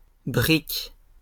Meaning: 1. a brig, a two-masted vessel type 2. a fritter with a filling
- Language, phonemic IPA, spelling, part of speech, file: French, /bʁik/, brick, noun, LL-Q150 (fra)-brick.wav